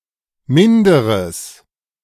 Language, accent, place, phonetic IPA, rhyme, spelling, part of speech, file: German, Germany, Berlin, [ˈmɪndəʁəs], -ɪndəʁəs, minderes, adjective, De-minderes.ogg
- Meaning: strong/mixed nominative/accusative neuter singular of minder